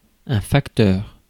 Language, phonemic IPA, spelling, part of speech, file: French, /fak.tœʁ/, facteur, noun, Fr-facteur.ogg
- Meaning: 1. factor; element 2. factor 3. postman (UK); mailman (gender neutral: postal carrier or mail carrier) (US)